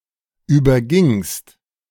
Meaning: second-person singular preterite of übergehen
- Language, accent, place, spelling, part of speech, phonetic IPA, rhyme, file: German, Germany, Berlin, übergingst, verb, [ˌyːbɐˈɡɪŋst], -ɪŋst, De-übergingst.ogg